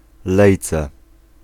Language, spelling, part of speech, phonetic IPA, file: Polish, lejce, noun, [ˈlɛjt͡sɛ], Pl-lejce.ogg